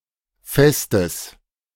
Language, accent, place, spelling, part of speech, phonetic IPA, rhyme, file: German, Germany, Berlin, Festes, noun, [ˈfɛstəs], -ɛstəs, De-Festes.ogg
- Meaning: genitive singular of Fest